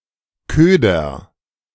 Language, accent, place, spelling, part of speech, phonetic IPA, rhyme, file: German, Germany, Berlin, köder, verb, [ˈkøːdɐ], -øːdɐ, De-köder.ogg
- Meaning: inflection of ködern: 1. first-person singular present 2. singular imperative